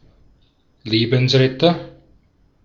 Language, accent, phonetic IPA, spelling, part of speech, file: German, Austria, [ˈleːbn̩sˌʁɛtɐ], Lebensretter, noun, De-at-Lebensretter.ogg
- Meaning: lifesaver, lifeguard